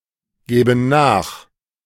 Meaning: first/third-person plural subjunctive II of nachgeben
- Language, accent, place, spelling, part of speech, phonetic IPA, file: German, Germany, Berlin, gäben nach, verb, [ˌɡɛːbn̩ ˈnaːx], De-gäben nach.ogg